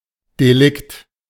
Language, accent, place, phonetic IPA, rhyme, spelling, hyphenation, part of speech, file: German, Germany, Berlin, [deˈlɪkt], -ɪkt, Delikt, De‧likt, noun, De-Delikt.ogg
- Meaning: crime, offense